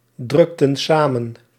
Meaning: inflection of samendrukken: 1. plural past indicative 2. plural past subjunctive
- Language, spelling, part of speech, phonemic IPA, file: Dutch, drukten samen, verb, /ˈdrʏktə(n) ˈsamə(n)/, Nl-drukten samen.ogg